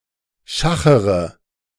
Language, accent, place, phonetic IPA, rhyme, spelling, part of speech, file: German, Germany, Berlin, [ˈʃaxəʁə], -axəʁə, schachere, verb, De-schachere.ogg
- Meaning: inflection of schachern: 1. first-person singular present 2. first/third-person singular subjunctive I 3. singular imperative